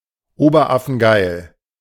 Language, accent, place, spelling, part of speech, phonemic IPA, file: German, Germany, Berlin, oberaffengeil, adjective, /ˈoːbɐˈʔafn̩ˈɡaɪ̯l/, De-oberaffengeil.ogg
- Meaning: really cool, awesome